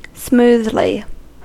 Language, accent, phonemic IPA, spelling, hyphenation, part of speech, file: English, US, /ˈsmuːðli/, smoothly, smooth‧ly, adverb, En-us-smoothly.ogg
- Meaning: in a smooth manner; smooth